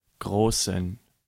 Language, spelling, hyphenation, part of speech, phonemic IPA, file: German, großen, gro‧ßen, adjective, /ˈɡʁoːsn̩/, De-großen.ogg
- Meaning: inflection of groß: 1. strong genitive masculine/neuter singular 2. weak/mixed genitive/dative all-gender singular 3. strong/weak/mixed accusative masculine singular 4. strong dative plural